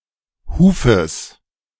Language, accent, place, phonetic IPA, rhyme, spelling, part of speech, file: German, Germany, Berlin, [ˈhuːfəs], -uːfəs, Hufes, noun, De-Hufes.ogg
- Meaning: genitive singular of Huf